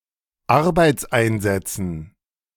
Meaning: dative plural of Arbeitseinsatz
- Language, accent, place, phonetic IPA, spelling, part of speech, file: German, Germany, Berlin, [ˈaʁbaɪ̯t͡sˌʔaɪ̯nzɛt͡sn̩], Arbeitseinsätzen, noun, De-Arbeitseinsätzen.ogg